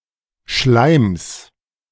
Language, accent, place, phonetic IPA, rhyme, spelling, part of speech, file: German, Germany, Berlin, [ʃlaɪ̯ms], -aɪ̯ms, Schleims, noun, De-Schleims.ogg
- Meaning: genitive singular of Schleim